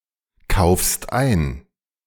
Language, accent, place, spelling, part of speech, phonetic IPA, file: German, Germany, Berlin, kaufst ein, verb, [ˌkaʊ̯fst ˈaɪ̯n], De-kaufst ein.ogg
- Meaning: second-person singular present of einkaufen